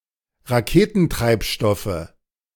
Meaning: nominative/accusative/genitive plural of Raketentreibstoff
- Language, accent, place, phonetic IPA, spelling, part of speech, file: German, Germany, Berlin, [ʁaˈkeːtn̩ˌtʁaɪ̯pʃtɔfə], Raketentreibstoffe, noun, De-Raketentreibstoffe.ogg